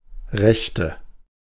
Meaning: 1. right (right hand or side) 2. inflection of Rechter: strong nominative/accusative plural 3. inflection of Rechter: weak nominative singular 4. nominative/accusative/genitive plural of Recht
- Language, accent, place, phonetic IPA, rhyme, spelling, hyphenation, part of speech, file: German, Germany, Berlin, [ˈʁɛçtə], -ɛçtə, Rechte, Rech‧te, noun, De-Rechte.ogg